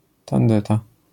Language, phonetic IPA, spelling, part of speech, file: Polish, [tãnˈdɛta], tandeta, noun, LL-Q809 (pol)-tandeta.wav